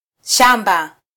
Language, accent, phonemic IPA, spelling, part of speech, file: Swahili, Kenya, /ˈʃɑ.ᵐbɑ/, shamba, noun, Sw-ke-shamba.flac
- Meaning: 1. garden, farm (any land that is cultivated), field, plantation, estate 2. grassland 3. the countryside